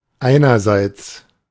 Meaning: on the one hand
- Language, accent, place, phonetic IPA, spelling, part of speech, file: German, Germany, Berlin, [ˈʔaɪ̯nɐzaɪ̯ts], einerseits, adverb, De-einerseits.ogg